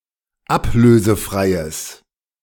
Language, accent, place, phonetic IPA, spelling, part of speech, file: German, Germany, Berlin, [ˈapløːzəˌfʁaɪ̯əs], ablösefreies, adjective, De-ablösefreies.ogg
- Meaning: strong/mixed nominative/accusative neuter singular of ablösefrei